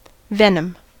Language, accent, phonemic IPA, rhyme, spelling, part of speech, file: English, US, /ˈvɛnəm/, -ɛnəm, venom, noun / verb / adjective, En-us-venom.ogg
- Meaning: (noun) An animal toxin intended for defensive or offensive use; a biological poison delivered by bite, sting, etc., to protect an animal or to kill its prey